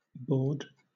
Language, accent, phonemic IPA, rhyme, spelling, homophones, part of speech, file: English, Southern England, /bɔːd/, -ɔːd, baud, bawd / board, noun, LL-Q1860 (eng)-baud.wav
- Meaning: 1. A unit of data transmission symbol rate; the number of signalling events per second 2. bps (bits per second), regardless of how many bits are represented by each symbol